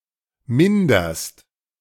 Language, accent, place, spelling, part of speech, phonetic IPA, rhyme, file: German, Germany, Berlin, minderst, verb, [ˈmɪndɐst], -ɪndɐst, De-minderst.ogg
- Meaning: second-person singular present of mindern